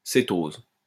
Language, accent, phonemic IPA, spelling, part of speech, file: French, France, /se.toz/, cétose, noun, LL-Q150 (fra)-cétose.wav
- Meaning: ketose (saccharide containing a ketone functional group)